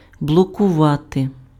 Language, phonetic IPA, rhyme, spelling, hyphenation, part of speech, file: Ukrainian, [bɫɔkʊˈʋate], -ate, блокувати, бло‧ку‧ва‧ти, verb, Uk-блокувати.ogg
- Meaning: 1. to block (prevent action or passage) 2. to blockade